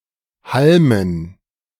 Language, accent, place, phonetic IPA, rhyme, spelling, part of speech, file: German, Germany, Berlin, [ˈhalmən], -almən, Halmen, noun, De-Halmen.ogg
- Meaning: dative plural of Halm